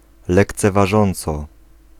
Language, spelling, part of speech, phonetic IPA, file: Polish, lekceważąco, adverb, [ˌlɛkt͡sɛvaˈʒɔ̃nt͡sɔ], Pl-lekceważąco.ogg